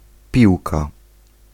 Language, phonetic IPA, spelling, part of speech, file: Polish, [ˈpʲiwka], piłka, noun, Pl-piłka.ogg